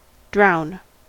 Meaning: 1. To die from suffocation while immersed in water or other fluid 2. To kill by suffocating in water or another liquid
- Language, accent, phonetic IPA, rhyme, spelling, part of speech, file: English, US, [d̠͡ɹ̠˔ʷaʊn], -aʊn, drown, verb, En-us-drown.ogg